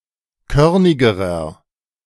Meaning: inflection of körnig: 1. strong/mixed nominative masculine singular comparative degree 2. strong genitive/dative feminine singular comparative degree 3. strong genitive plural comparative degree
- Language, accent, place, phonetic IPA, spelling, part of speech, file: German, Germany, Berlin, [ˈkœʁnɪɡəʁɐ], körnigerer, adjective, De-körnigerer.ogg